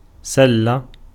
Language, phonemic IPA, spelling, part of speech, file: Arabic, /sal.la/, سلة, noun, Ar-سلة.ogg
- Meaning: 1. instance noun of سَلّ (sall, “drawing out”) 2. basket 3. sweetvetch (Hedysarum spp.)